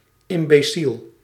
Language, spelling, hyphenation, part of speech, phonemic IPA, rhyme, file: Dutch, imbeciel, im‧be‧ciel, adjective / noun, /ɪm.bəˈsil/, -il, Nl-imbeciel.ogg
- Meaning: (adjective) 1. stupid, idiotic 2. mentally retarded, imbecilic, idiotic (mentally disabled with the mental age of a young child)